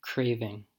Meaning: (noun) A strong desire; yearning; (verb) present participle and gerund of crave
- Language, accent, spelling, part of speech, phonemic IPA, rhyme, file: English, US, craving, noun / verb, /ˈkɹeɪ.vɪŋ/, -eɪvɪŋ, En-us-craving.ogg